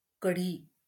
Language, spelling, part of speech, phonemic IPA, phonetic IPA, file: Marathi, कढी, noun, /kə.ɖʱi/, [kə.ɖʱiː], LL-Q1571 (mar)-कढी.wav
- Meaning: Kadhi (a dish)